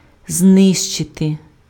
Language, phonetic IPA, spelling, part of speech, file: Ukrainian, [ˈznɪʃt͡ʃete], знищити, verb, Uk-знищити.ogg
- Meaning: to destroy, to annihilate, to obliterate